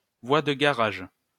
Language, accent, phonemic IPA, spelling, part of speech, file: French, France, /vwa d(ə) ɡa.ʁaʒ/, voie de garage, noun, LL-Q150 (fra)-voie de garage.wav
- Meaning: 1. stabling siding 2. dead end (position that offers no hope of progress)